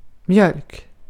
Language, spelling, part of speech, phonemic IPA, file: Swedish, mjölk, noun, /mjœlk/, Sv-mjölk.ogg
- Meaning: milk